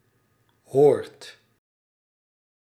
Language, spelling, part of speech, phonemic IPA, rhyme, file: Dutch, hoort, verb, /ɦoːrt/, -oːrt, Nl-hoort.ogg
- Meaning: inflection of horen: 1. second/third-person singular present indicative 2. plural imperative